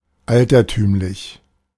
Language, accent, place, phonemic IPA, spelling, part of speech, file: German, Germany, Berlin, /ˈaltɐtyːmlɪç/, altertümlich, adjective, De-altertümlich.ogg
- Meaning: archaic